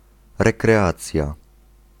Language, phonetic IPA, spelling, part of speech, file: Polish, [ˌrɛkrɛˈat͡sʲja], rekreacja, noun, Pl-rekreacja.ogg